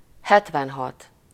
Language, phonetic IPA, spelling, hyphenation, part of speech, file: Hungarian, [ˈhɛtvɛnɦɒt], hetvenhat, het‧ven‧hat, numeral, Hu-hetvenhat.ogg
- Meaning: seventy-six